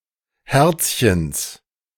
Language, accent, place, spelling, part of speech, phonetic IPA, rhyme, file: German, Germany, Berlin, Herzchens, noun, [ˈhɛʁt͡sçəns], -ɛʁt͡sçəns, De-Herzchens.ogg
- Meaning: genitive of Herzchen